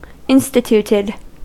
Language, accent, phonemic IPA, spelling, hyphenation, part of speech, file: English, US, /ˈɪnstɪt(j)uːtɪd/, instituted, in‧sti‧tut‧ed, verb, En-us-instituted.ogg
- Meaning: simple past and past participle of institute